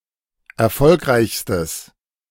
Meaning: strong/mixed nominative/accusative neuter singular superlative degree of erfolgreich
- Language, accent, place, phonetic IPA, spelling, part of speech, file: German, Germany, Berlin, [ɛɐ̯ˈfɔlkʁaɪ̯çstəs], erfolgreichstes, adjective, De-erfolgreichstes.ogg